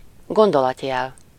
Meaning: dash (typographic symbol, especially to mark off a nested clause or phrase; an en dash in Hungarian orthography)
- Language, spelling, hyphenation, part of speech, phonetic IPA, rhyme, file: Hungarian, gondolatjel, gon‧do‧lat‧jel, noun, [ˈɡondolɒtjɛl], -ɛl, Hu-gondolatjel.ogg